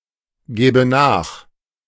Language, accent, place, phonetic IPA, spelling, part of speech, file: German, Germany, Berlin, [ˌɡɛːbə ˈnaːx], gäbe nach, verb, De-gäbe nach.ogg
- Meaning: first/third-person singular subjunctive II of nachgeben